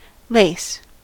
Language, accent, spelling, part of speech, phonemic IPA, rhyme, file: English, US, lace, noun / verb, /leɪs/, -eɪs, En-us-lace.ogg
- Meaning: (noun) A light fabric containing patterns of holes, usually built up from a single thread